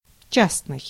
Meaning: 1. private 2. particular 3. individual
- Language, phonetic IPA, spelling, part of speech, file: Russian, [ˈt͡ɕasnɨj], частный, adjective, Ru-частный.ogg